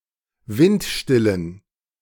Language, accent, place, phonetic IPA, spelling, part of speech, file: German, Germany, Berlin, [ˈvɪntˌʃtɪlən], windstillen, adjective, De-windstillen.ogg
- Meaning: inflection of windstill: 1. strong genitive masculine/neuter singular 2. weak/mixed genitive/dative all-gender singular 3. strong/weak/mixed accusative masculine singular 4. strong dative plural